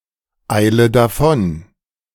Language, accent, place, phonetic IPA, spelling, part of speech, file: German, Germany, Berlin, [ˌaɪ̯lə daˈfɔn], eile davon, verb, De-eile davon.ogg
- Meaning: inflection of davoneilen: 1. first-person singular present 2. first/third-person singular subjunctive I 3. singular imperative